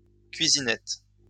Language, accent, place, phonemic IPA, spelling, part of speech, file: French, France, Lyon, /kɥi.zi.nɛt/, cuisinette, noun, LL-Q150 (fra)-cuisinette.wav
- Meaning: kitchenette